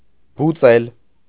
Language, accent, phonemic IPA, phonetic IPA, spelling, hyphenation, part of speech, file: Armenian, Eastern Armenian, /buˈt͡sel/, [but͡sél], բուծել, բու‧ծել, verb, Hy-բուծել.ogg
- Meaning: 1. to breed, to rear 2. to cultivate; to grow